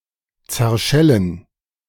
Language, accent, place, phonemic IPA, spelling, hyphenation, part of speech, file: German, Germany, Berlin, /ˌt͡sɛɐ̯ˈʃɛlən/, zerschellen, zer‧schel‧len, verb, De-zerschellen2.ogg
- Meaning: to break into pieces